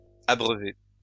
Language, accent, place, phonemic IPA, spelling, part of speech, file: French, France, Lyon, /a.bʁœ.ve/, abreuvées, verb, LL-Q150 (fra)-abreuvées.wav
- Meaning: feminine plural of abreuvé